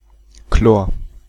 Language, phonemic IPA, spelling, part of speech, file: German, /kloːr/, Chlor, noun, De-Chlor.ogg
- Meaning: chlorine